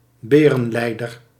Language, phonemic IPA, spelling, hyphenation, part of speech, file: Dutch, /ˈbeː.rə(n)ˌlɛi̯.dər/, berenleider, be‧ren‧lei‧der, noun, Nl-berenleider.ogg
- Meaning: bear leader